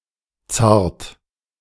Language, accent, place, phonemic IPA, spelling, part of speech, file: German, Germany, Berlin, /tsaːrt/, zart, adjective, De-zart.ogg
- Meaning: 1. tender 2. delicate 3. fragile, flimsy